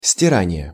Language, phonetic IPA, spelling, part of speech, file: Russian, [sʲtʲɪˈranʲɪje], стирание, noun, Ru-стирание.ogg
- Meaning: 1. attrition, abrasion (wearing by friction) 2. deletion (e.g. of a recording), erasure